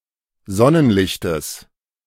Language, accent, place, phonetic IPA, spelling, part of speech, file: German, Germany, Berlin, [ˈzɔnənˌlɪçtəs], Sonnenlichtes, noun, De-Sonnenlichtes.ogg
- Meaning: genitive singular of Sonnenlicht